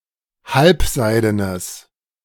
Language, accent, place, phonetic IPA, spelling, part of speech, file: German, Germany, Berlin, [ˈhalpˌzaɪ̯dənəs], halbseidenes, adjective, De-halbseidenes.ogg
- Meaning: strong/mixed nominative/accusative neuter singular of halbseiden